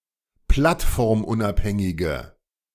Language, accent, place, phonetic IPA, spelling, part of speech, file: German, Germany, Berlin, [ˈplatfɔʁmˌʔʊnʔaphɛŋɪɡə], plattformunabhängige, adjective, De-plattformunabhängige.ogg
- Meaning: inflection of plattformunabhängig: 1. strong/mixed nominative/accusative feminine singular 2. strong nominative/accusative plural 3. weak nominative all-gender singular